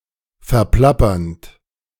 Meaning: present participle of verplappern
- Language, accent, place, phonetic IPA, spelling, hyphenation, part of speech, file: German, Germany, Berlin, [fɛʁˈplapɐnt], verplappernd, ver‧plap‧pernd, verb, De-verplappernd.ogg